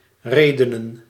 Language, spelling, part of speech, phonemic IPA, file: Dutch, redenen, verb / noun, /ˈreːdənə(n)/, Nl-redenen.ogg
- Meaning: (verb) 1. to speak 2. to discuss 3. to reason; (noun) plural of reden